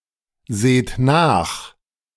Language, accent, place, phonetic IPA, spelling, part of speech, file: German, Germany, Berlin, [ˌzeːt ˈnaːx], seht nach, verb, De-seht nach.ogg
- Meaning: inflection of nachsehen: 1. second-person plural present 2. plural imperative